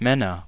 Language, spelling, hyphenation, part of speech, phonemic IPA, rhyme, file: German, Männer, Män‧ner, noun, /ˈmɛnɐ/, -ɛnɐ, De-Männer.ogg
- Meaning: nominative/accusative/genitive plural of Mann